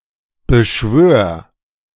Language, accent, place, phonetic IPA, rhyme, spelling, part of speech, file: German, Germany, Berlin, [bəˈʃvøːɐ̯], -øːɐ̯, beschwör, verb, De-beschwör.ogg
- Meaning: singular imperative of beschwören